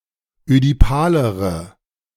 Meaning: inflection of ödipal: 1. strong/mixed nominative/accusative feminine singular comparative degree 2. strong nominative/accusative plural comparative degree
- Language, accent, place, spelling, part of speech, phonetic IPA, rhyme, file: German, Germany, Berlin, ödipalere, adjective, [ødiˈpaːləʁə], -aːləʁə, De-ödipalere.ogg